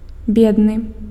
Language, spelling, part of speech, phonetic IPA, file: Belarusian, бедны, adjective, [ˈbʲednɨ], Be-бедны.ogg
- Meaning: poor